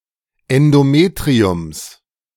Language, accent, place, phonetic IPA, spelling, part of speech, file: German, Germany, Berlin, [ɛndoˈmeːtʁiʊms], Endometriums, noun, De-Endometriums.ogg
- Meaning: genitive singular of Endometrium